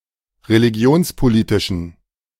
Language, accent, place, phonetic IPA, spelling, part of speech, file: German, Germany, Berlin, [ʁeliˈɡi̯oːnspoˌliːtɪʃn̩], religionspolitischen, adjective, De-religionspolitischen.ogg
- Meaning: inflection of religionspolitisch: 1. strong genitive masculine/neuter singular 2. weak/mixed genitive/dative all-gender singular 3. strong/weak/mixed accusative masculine singular